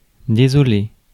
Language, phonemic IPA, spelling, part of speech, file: French, /de.zɔ.le/, désolé, adjective / interjection / verb, Fr-désolé.ogg
- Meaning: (adjective) 1. desolate, forsaken 2. sorry; apologetic; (interjection) sorry (an apology); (verb) past participle of désoler